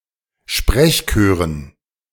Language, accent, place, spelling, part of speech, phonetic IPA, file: German, Germany, Berlin, Sprechchören, noun, [ˈʃpʁɛçˌkøːʁən], De-Sprechchören.ogg
- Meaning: dative plural of Sprechchor